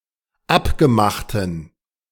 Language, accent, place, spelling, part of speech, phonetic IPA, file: German, Germany, Berlin, abgemachten, adjective, [ˈapɡəˌmaxtən], De-abgemachten.ogg
- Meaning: inflection of abgemacht: 1. strong genitive masculine/neuter singular 2. weak/mixed genitive/dative all-gender singular 3. strong/weak/mixed accusative masculine singular 4. strong dative plural